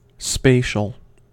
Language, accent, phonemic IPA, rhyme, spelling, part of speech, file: English, US, /ˈspeɪ.ʃəl/, -eɪʃəl, spatial, adjective, En-us-spatial.ogg
- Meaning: 1. Pertaining to (the dimension of) space 2. Pertaining to (outer) space